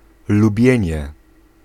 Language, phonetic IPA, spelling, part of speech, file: Polish, [luˈbʲjɛ̇̃ɲɛ], lubienie, noun, Pl-lubienie.ogg